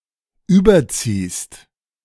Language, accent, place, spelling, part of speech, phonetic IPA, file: German, Germany, Berlin, überziehst, verb, [ˈyːbɐˌt͡siːst], De-überziehst.ogg
- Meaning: second-person singular present of überziehen